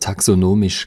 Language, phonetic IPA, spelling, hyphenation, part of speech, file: German, [taksoˈnoːmɪʃ], taxonomisch, ta‧xo‧no‧misch, adjective, De-taxonomisch.ogg
- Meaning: taxonomic